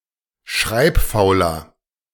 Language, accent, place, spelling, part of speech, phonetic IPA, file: German, Germany, Berlin, schreibfauler, adjective, [ˈʃʁaɪ̯pˌfaʊ̯lɐ], De-schreibfauler.ogg
- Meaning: 1. comparative degree of schreibfaul 2. inflection of schreibfaul: strong/mixed nominative masculine singular 3. inflection of schreibfaul: strong genitive/dative feminine singular